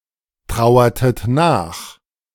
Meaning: inflection of nachtrauern: 1. second-person plural preterite 2. second-person plural subjunctive II
- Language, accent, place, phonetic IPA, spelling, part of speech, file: German, Germany, Berlin, [ˌtʁaʊ̯ɐtət ˈnaːx], trauertet nach, verb, De-trauertet nach.ogg